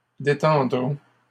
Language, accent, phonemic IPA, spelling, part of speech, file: French, Canada, /de.tɑ̃.dʁɔ̃/, détendrons, verb, LL-Q150 (fra)-détendrons.wav
- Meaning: first-person plural simple future of détendre